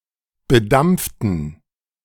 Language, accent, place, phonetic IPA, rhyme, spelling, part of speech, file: German, Germany, Berlin, [bəˈdamp͡ftn̩], -amp͡ftn̩, bedampften, adjective / verb, De-bedampften.ogg
- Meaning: inflection of bedampft: 1. strong genitive masculine/neuter singular 2. weak/mixed genitive/dative all-gender singular 3. strong/weak/mixed accusative masculine singular 4. strong dative plural